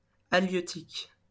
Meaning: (adjective) fishing/fisheries; halieutic; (noun) halieutics (fisheries science)
- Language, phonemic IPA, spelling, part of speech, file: French, /a.ljø.tik/, halieutique, adjective / noun, LL-Q150 (fra)-halieutique.wav